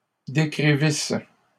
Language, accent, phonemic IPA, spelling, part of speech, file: French, Canada, /de.kʁi.vis/, décrivissent, verb, LL-Q150 (fra)-décrivissent.wav
- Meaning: third-person plural imperfect subjunctive of décrire